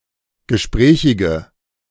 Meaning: inflection of gesprächig: 1. strong/mixed nominative/accusative feminine singular 2. strong nominative/accusative plural 3. weak nominative all-gender singular
- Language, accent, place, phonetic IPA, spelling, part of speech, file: German, Germany, Berlin, [ɡəˈʃpʁɛːçɪɡə], gesprächige, adjective, De-gesprächige.ogg